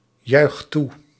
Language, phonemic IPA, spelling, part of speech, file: Dutch, /ˈjœyxt ˈtu/, juicht toe, verb, Nl-juicht toe.ogg
- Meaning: inflection of toejuichen: 1. second/third-person singular present indicative 2. plural imperative